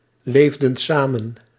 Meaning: inflection of samenleven: 1. plural past indicative 2. plural past subjunctive
- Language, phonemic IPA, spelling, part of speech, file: Dutch, /ˈlevdə(n) ˈsamə(n)/, leefden samen, verb, Nl-leefden samen.ogg